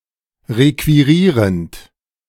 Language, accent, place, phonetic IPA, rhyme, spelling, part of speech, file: German, Germany, Berlin, [ˌʁekviˈʁiːʁənt], -iːʁənt, requirierend, verb, De-requirierend.ogg
- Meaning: present participle of requirieren